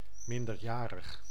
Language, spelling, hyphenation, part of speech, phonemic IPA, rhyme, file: Dutch, minderjarig, min‧der‧ja‧rig, adjective, /ˌmɪn.dərˈjaː.rəx/, -aːrəx, Nl-minderjarig.ogg
- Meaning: underage, minor, juvenile